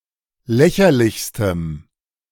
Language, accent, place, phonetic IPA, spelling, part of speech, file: German, Germany, Berlin, [ˈlɛçɐlɪçstəm], lächerlichstem, adjective, De-lächerlichstem.ogg
- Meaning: strong dative masculine/neuter singular superlative degree of lächerlich